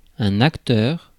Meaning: actor
- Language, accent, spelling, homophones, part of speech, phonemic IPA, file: French, France, acteur, acteurs, noun, /ak.tœʁ/, Fr-acteur.ogg